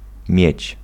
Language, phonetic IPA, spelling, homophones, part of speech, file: Polish, [mʲjɛ̇t͡ɕ], miedź, mieć, noun, Pl-miedź.ogg